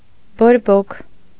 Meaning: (noun) 1. inflammation, fire 2. heat of a burning fire 3. fervour, rapture; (adjective) hot, inflamed (also figuratively)
- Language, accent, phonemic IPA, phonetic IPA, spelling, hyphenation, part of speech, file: Armenian, Eastern Armenian, /boɾˈbokʰ/, [boɾbókʰ], բորբոք, բոր‧բոք, noun / adjective, Hy-բորբոք.ogg